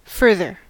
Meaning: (verb) 1. To help forward; to assist 2. To encourage growth; to support progress or growth of something; to promote; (adjective) 1. More distant; relatively distant 2. More, additional
- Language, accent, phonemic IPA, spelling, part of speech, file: English, US, /ˈfɝ.ðɚ/, further, verb / adjective / adverb, En-us-further.ogg